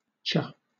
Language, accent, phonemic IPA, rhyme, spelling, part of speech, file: English, Southern England, /t͡ʃʌ/, -ʌ, cha, pronoun, LL-Q1860 (eng)-cha.wav
- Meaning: Pronunciation spelling of you, especially when preceded by a /t/ sound